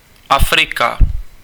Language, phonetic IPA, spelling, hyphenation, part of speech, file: Czech, [ˈafrɪka], Afrika, Af‧ri‧ka, proper noun, Cs-Afrika.ogg
- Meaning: Africa (the continent south of Europe and between the Atlantic and Indian Oceans)